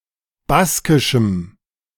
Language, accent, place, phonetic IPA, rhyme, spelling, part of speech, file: German, Germany, Berlin, [ˈbaskɪʃm̩], -askɪʃm̩, baskischem, adjective, De-baskischem.ogg
- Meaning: strong dative masculine/neuter singular of baskisch